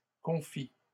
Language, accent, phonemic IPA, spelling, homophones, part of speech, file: French, Canada, /kɔ̃.fi/, confits, confie / confient / confies / confis / confit / confît, adjective / noun, LL-Q150 (fra)-confits.wav
- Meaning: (adjective) masculine plural of confit; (noun) plural of confit